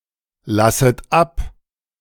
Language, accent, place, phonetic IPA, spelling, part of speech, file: German, Germany, Berlin, [ˌlasət ˈap], lasset ab, verb, De-lasset ab.ogg
- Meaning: second-person plural subjunctive I of ablassen